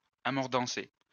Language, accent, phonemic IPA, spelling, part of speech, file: French, France, /a.mɔʁ.dɑ̃.se/, amordancer, verb, LL-Q150 (fra)-amordancer.wav
- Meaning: synonym of mordancer